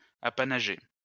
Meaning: to grant an apanage
- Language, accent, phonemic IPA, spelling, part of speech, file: French, France, /a.pa.na.ʒe/, apanager, verb, LL-Q150 (fra)-apanager.wav